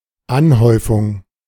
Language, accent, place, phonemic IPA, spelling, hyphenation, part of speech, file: German, Germany, Berlin, /ˈanˌhɔɪ̯fʊŋ/, Anhäufung, An‧häu‧fung, noun, De-Anhäufung.ogg
- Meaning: accumulation (act of accumulating, the state of being accumulated)